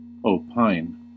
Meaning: 1. To express an opinion; to state as an opinion; to suppose, consider (that) 2. To give one's formal opinion (on or upon something) 3. To suppose, consider as correct, or entertain, an opinion
- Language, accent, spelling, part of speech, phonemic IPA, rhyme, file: English, US, opine, verb, /oʊˈpaɪn/, -aɪn, En-us-opine.ogg